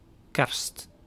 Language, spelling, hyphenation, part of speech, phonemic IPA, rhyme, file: Dutch, kerst, kerst, noun, /kɛrst/, -ɛrst, Nl-kerst.ogg
- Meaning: Christmas, the major Christian feast commemorating the birth of Jesus Christ